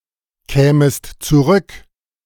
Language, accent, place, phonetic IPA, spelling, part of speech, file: German, Germany, Berlin, [ˌkɛːməst t͡suˈʁʏk], kämest zurück, verb, De-kämest zurück.ogg
- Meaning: second-person singular subjunctive II of zurückkommen